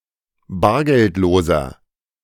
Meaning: inflection of bargeldlos: 1. strong/mixed nominative masculine singular 2. strong genitive/dative feminine singular 3. strong genitive plural
- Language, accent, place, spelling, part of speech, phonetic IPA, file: German, Germany, Berlin, bargeldloser, adjective, [ˈbaːɐ̯ɡɛltˌloːzɐ], De-bargeldloser.ogg